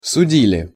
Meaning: plural past indicative imperfective of суди́ть (sudítʹ)
- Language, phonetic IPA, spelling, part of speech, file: Russian, [sʊˈdʲilʲɪ], судили, verb, Ru-судили.ogg